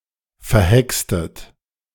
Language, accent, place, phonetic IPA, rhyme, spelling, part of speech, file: German, Germany, Berlin, [fɛɐ̯ˈhɛkstət], -ɛkstət, verhextet, verb, De-verhextet.ogg
- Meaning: inflection of verhexen: 1. second-person plural preterite 2. second-person plural subjunctive II